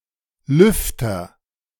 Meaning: fan (electrical device)
- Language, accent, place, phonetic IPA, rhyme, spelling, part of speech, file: German, Germany, Berlin, [ˈlʏftɐ], -ʏftɐ, Lüfter, noun, De-Lüfter.ogg